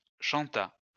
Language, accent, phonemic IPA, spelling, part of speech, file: French, France, /ʃɑ̃.ta/, chanta, verb, LL-Q150 (fra)-chanta.wav
- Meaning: third-person singular past historic of chanter